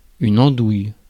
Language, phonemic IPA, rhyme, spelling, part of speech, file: French, /ɑ̃.duj/, -uj, andouille, noun, Fr-andouille.ogg
- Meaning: 1. andouille, a type of sausage 2. imbecile, numpty, fool